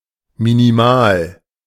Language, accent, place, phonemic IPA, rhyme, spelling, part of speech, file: German, Germany, Berlin, /miniˈmaːl/, -aːl, minimal, adjective, De-minimal.ogg
- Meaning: minimal